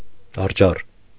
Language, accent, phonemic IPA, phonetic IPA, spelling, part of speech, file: Armenian, Eastern Armenian, /ɑɾˈt͡ʃʰɑr/, [ɑɾt͡ʃʰɑ́r], արջառ, noun, Hy-արջառ.ogg
- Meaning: young bullock